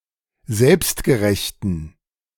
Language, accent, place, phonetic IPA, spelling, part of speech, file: German, Germany, Berlin, [ˈzɛlpstɡəˌʁɛçtn̩], selbstgerechten, adjective, De-selbstgerechten.ogg
- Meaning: inflection of selbstgerecht: 1. strong genitive masculine/neuter singular 2. weak/mixed genitive/dative all-gender singular 3. strong/weak/mixed accusative masculine singular 4. strong dative plural